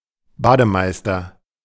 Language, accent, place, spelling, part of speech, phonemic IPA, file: German, Germany, Berlin, Bademeister, noun, /ˈbaː.dəˌmaɪ̯.stɐ/, De-Bademeister.ogg
- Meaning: bathkeeper, bath attendant, pool supervisor, swimming pool attendant, lifesaver (male or of unspecified gender)